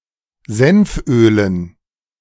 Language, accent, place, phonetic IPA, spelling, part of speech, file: German, Germany, Berlin, [ˈzɛnfˌʔøːlən], Senfölen, noun, De-Senfölen.ogg
- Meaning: dative plural of Senföl